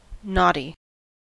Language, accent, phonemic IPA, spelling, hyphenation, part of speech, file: English, General American, /ˈnɑti/, knotty, knot‧ty, adjective, En-us-knotty.ogg
- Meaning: 1. Of string or something stringlike: full of, or tied up, in knots 2. Of a part of the body, a tree, etc.: full of knots (knobs or swellings); gnarled, knobbly